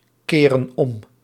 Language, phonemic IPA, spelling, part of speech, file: Dutch, /ˈkerə(n) ˈɔm/, keren om, verb, Nl-keren om.ogg
- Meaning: inflection of omkeren: 1. plural present indicative 2. plural present subjunctive